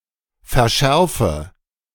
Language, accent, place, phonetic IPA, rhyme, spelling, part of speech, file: German, Germany, Berlin, [fɛɐ̯ˈʃɛʁfə], -ɛʁfə, verschärfe, verb, De-verschärfe.ogg
- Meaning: inflection of verschärfen: 1. first-person singular present 2. first/third-person singular subjunctive I 3. singular imperative